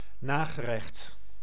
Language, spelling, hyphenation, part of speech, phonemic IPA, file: Dutch, nagerecht, na‧ge‧recht, noun, /ˈnaː.ɣəˌrɛxt/, Nl-nagerecht.ogg
- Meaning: dessert